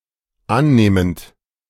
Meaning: present participle of annehmen
- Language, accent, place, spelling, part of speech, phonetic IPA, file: German, Germany, Berlin, annehmend, verb, [ˈanˌneːmənt], De-annehmend.ogg